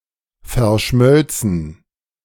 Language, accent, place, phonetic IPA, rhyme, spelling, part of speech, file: German, Germany, Berlin, [fɛɐ̯ˈʃmœlt͡sn̩], -œlt͡sn̩, verschmölzen, verb, De-verschmölzen.ogg
- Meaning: first-person plural subjunctive II of verschmelzen